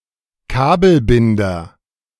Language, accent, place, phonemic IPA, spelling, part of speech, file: German, Germany, Berlin, /ˈkaːbəlˌbɪndɐ/, Kabelbinder, noun, De-Kabelbinder.ogg
- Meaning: cable tie, zip tie, tie wrap (a type of fastener)